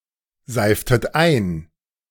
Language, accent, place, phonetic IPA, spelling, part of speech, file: German, Germany, Berlin, [ˌzaɪ̯ftət ˈaɪ̯n], seiftet ein, verb, De-seiftet ein.ogg
- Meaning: inflection of einseifen: 1. second-person plural preterite 2. second-person plural subjunctive II